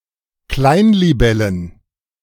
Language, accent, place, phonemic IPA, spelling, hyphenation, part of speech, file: German, Germany, Berlin, /ˈklaɪ̯nliˌbɛlən/, Kleinlibellen, Klein‧li‧bel‧len, noun, De-Kleinlibellen.ogg
- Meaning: plural of Kleinlibelle